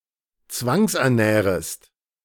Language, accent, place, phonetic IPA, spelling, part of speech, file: German, Germany, Berlin, [ˈt͡svaŋsʔɛɐ̯ˌnɛːʁəst], zwangsernährest, verb, De-zwangsernährest.ogg
- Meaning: second-person singular subjunctive I of zwangsernähren